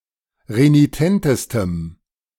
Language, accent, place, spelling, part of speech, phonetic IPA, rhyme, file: German, Germany, Berlin, renitentestem, adjective, [ʁeniˈtɛntəstəm], -ɛntəstəm, De-renitentestem.ogg
- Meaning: strong dative masculine/neuter singular superlative degree of renitent